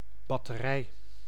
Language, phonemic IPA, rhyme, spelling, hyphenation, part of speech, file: Dutch, /bɑtəˈrɛi̯/, -ɛi̯, batterij, bat‧te‧rij, noun, Nl-batterij.ogg
- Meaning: 1. battery, tactical artillery unit 2. electrical battery, power storage device